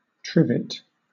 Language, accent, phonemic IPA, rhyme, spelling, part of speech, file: English, Southern England, /ˈtɹɪv.ɪt/, -ɪvɪt, trivet, noun, LL-Q1860 (eng)-trivet.wav
- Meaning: 1. A stand with three short legs, especially for cooking over a fire 2. A stand, sometimes with short, stumpy feet, or a mat used to support hot dishes and protect a table; a coaster